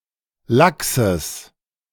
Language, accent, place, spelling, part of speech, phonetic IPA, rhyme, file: German, Germany, Berlin, laxes, adjective, [ˈlaksəs], -aksəs, De-laxes.ogg
- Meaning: strong/mixed nominative/accusative neuter singular of lax